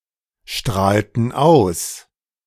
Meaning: inflection of ausstrahlen: 1. first/third-person plural preterite 2. first/third-person plural subjunctive II
- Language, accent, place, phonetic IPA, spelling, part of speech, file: German, Germany, Berlin, [ˌʃtʁaːltn̩ ˈaʊ̯s], strahlten aus, verb, De-strahlten aus.ogg